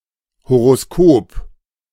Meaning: horoscope
- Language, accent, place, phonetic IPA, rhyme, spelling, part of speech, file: German, Germany, Berlin, [hoʁoˈskoːp], -oːp, Horoskop, noun, De-Horoskop.ogg